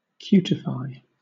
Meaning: 1. To form skin 2. To make cute
- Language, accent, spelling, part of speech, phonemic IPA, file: English, Southern England, cutify, verb, /ˈkjuːtɪfaɪ/, LL-Q1860 (eng)-cutify.wav